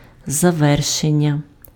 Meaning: verbal noun of заверши́ти pf (zaveršýty): completion, conclusion
- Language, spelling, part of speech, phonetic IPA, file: Ukrainian, завершення, noun, [zɐˈʋɛrʃenʲːɐ], Uk-завершення.ogg